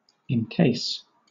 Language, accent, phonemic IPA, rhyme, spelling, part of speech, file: English, Southern England, /ɪŋˈkeɪs/, -eɪs, encase, verb, LL-Q1860 (eng)-encase.wav
- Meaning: To enclose, as in a case